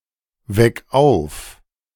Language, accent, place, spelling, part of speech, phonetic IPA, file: German, Germany, Berlin, weck auf, verb, [ˌvɛk ˈaʊ̯f], De-weck auf.ogg
- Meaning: 1. singular imperative of aufwecken 2. first-person singular present of aufwecken